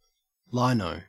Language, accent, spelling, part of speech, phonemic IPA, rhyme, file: English, Australia, lino, noun, /ˈlaɪnəʊ/, -aɪnəʊ, En-au-lino.ogg
- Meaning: 1. Clipping of linoleum 2. Abbreviation of linesman